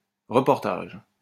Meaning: reportage
- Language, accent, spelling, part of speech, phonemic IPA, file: French, France, reportage, noun, /ʁə.pɔʁ.taʒ/, LL-Q150 (fra)-reportage.wav